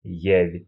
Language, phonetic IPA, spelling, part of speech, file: Russian, [jæfʲ], явь, noun, Ru-явь.ogg
- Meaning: reality